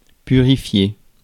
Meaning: 1. to purify 2. to cleanse (cleanse something of impurities)
- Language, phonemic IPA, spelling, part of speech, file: French, /py.ʁi.fje/, purifier, verb, Fr-purifier.ogg